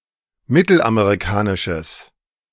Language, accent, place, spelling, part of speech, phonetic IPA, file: German, Germany, Berlin, mittelamerikanisches, adjective, [ˈmɪtl̩ʔameʁiˌkaːnɪʃəs], De-mittelamerikanisches.ogg
- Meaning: strong/mixed nominative/accusative neuter singular of mittelamerikanisch